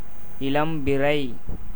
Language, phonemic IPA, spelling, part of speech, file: Tamil, /ɪɭɐmbɪrɐɪ̯/, இளம்பிறை, noun, Ta-இளம்பிறை.ogg
- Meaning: crescent moon